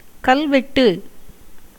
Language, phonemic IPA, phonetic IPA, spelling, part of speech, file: Tamil, /kɐlʋɛʈːɯ/, [kɐlʋe̞ʈːɯ], கல்வெட்டு, noun, Ta-கல்வெட்டு.ogg
- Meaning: 1. inscription on stone, slab, tablet 2. unalterable word (as if engraved in stone) 3. stanza commemorative of the date of death of an ancestor 4. elegy